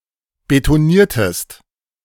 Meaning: inflection of betonieren: 1. second-person singular preterite 2. second-person singular subjunctive II
- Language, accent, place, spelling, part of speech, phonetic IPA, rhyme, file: German, Germany, Berlin, betoniertest, verb, [betoˈniːɐ̯təst], -iːɐ̯təst, De-betoniertest.ogg